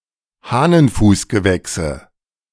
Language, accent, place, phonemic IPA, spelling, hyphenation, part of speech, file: German, Germany, Berlin, /ˈhaːnənˌfuːsɡəˌvɛksə/, Hahnenfußgewächse, Hah‧nen‧fuß‧ge‧wäch‧se, noun, De-Hahnenfußgewächse.ogg
- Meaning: nominative/accusative/genitive plural of Hahnenfußgewächs